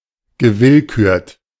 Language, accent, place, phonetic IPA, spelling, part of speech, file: German, Germany, Berlin, [ɡəˈvɪlkyːɐ̯t], gewillkürt, adjective, De-gewillkürt.ogg
- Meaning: selected